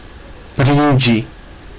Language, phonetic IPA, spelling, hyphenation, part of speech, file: Georgian, [b̥ɾind͡ʒi], ბრინჯი, ბრინ‧ჯი, noun, Ka-brinji.ogg
- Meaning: rice